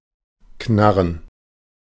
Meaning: plural of Knarre
- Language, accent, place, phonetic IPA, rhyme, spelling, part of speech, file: German, Germany, Berlin, [ˈknaʁən], -aʁən, Knarren, noun, De-Knarren.ogg